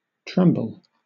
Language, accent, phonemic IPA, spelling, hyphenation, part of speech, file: English, Southern England, /ˈtɹɛmbl̩/, tremble, trem‧ble, verb / noun, LL-Q1860 (eng)-tremble.wav
- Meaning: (verb) 1. To shake, quiver, or vibrate 2. To fear; to be afraid; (noun) A shake, quiver, or vibration